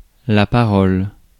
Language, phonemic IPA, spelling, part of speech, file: French, /pa.ʁɔl/, parole, noun / interjection, Fr-parole.ogg
- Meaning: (noun) speech, language (the faculty of using spoken language to communicate or express thought, the usage of this faculty, and the words articulated through its use)